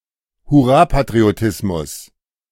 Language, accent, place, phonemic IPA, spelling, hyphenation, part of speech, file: German, Germany, Berlin, /hʊˈraːpatrioˌtɪsmʊs/, Hurrapatriotismus, Hur‧ra‧pa‧tri‧o‧tis‧mus, noun, De-Hurrapatriotismus.ogg
- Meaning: overconfident, naive and emotional patriotism, especially in time of war or crisis; flag-waving, jingoism